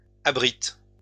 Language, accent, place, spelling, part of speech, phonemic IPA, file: French, France, Lyon, abritent, verb, /a.bʁit/, LL-Q150 (fra)-abritent.wav
- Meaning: third-person plural present indicative/subjunctive of abriter